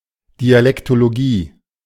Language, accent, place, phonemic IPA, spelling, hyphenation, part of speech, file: German, Germany, Berlin, /dialɛktoloˈɡiː/, Dialektologie, Di‧a‧lek‧to‧lo‧gie, noun, De-Dialektologie.ogg
- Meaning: dialectology